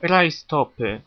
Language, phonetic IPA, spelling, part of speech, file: Polish, [rajˈstɔpɨ], rajstopy, noun, Pl-rajstopy.ogg